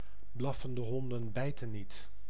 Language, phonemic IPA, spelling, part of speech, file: Dutch, /ˈblɑ.fən.də ˈɦɔn.də(n)ˈbɛi̯.tə(n)ˈnit/, blaffende honden bijten niet, proverb, Nl-blaffende honden bijten niet.ogg
- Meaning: people who make big threats usually never carry them out; barking dogs seldom bite